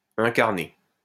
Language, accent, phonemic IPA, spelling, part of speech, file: French, France, /ɛ̃.kaʁ.ne/, incarné, verb / adjective, LL-Q150 (fra)-incarné.wav
- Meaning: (verb) past participle of incarner; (adjective) 1. incarnate, embodied, personified 2. ingrown